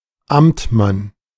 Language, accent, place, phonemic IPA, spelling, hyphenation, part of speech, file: German, Germany, Berlin, /ˈamtˌman/, Amtmann, Amt‧mann, noun, De-Amtmann.ogg
- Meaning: 1. bailiff 2. title of a Beamter ("Public servant") in the upper service after second promotion